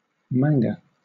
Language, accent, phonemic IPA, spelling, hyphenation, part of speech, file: English, Southern England, /ˈmæŋɡə/, manga, man‧ga, noun, LL-Q1860 (eng)-manga.wav
- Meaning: 1. A comic originating in Japan 2. An artistic style heavily used in, and associated with, Japanese comics, and that has also been adopted by a comparatively low number of comics from other countries